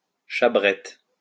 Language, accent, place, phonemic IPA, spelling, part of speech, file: French, France, Lyon, /ʃa.bʁɛt/, chabrette, noun, LL-Q150 (fra)-chabrette.wav
- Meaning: chabrette